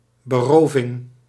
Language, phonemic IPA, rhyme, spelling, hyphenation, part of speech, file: Dutch, /bəˈroː.vɪŋ/, -oːvɪŋ, beroving, be‧ro‧ving, noun, Nl-beroving.ogg
- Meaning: robbery